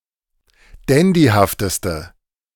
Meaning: inflection of dandyhaft: 1. strong/mixed nominative/accusative feminine singular superlative degree 2. strong nominative/accusative plural superlative degree
- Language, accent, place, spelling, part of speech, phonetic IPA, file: German, Germany, Berlin, dandyhafteste, adjective, [ˈdɛndihaftəstə], De-dandyhafteste.ogg